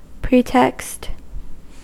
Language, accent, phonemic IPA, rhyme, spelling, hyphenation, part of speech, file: English, US, /ˈpɹiːtɛkst/, -iːtɛkst, pretext, pre‧text, noun / verb, En-us-pretext.ogg
- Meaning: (noun) A false, contrived, or assumed purpose or reason; a pretense; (verb) To employ a pretext, which involves using a false or contrived purpose for soliciting the gain of something else